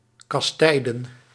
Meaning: to castigate, chastise, punish
- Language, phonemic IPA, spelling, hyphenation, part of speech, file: Dutch, /kɑsˈtɛi̯.dən/, kastijden, kas‧tij‧den, verb, Nl-kastijden.ogg